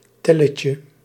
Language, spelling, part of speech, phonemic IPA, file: Dutch, telletje, noun, /ˈtɛləcə/, Nl-telletje.ogg
- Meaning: diminutive of tel